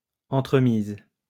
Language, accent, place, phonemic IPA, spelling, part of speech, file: French, France, Lyon, /ɑ̃.tʁə.miz/, entremise, noun, LL-Q150 (fra)-entremise.wav
- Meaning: an intervention, means, or method